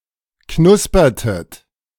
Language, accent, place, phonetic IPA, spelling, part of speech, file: German, Germany, Berlin, [ˈknʊspɐtət], knuspertet, verb, De-knuspertet.ogg
- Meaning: inflection of knuspern: 1. second-person plural preterite 2. second-person plural subjunctive II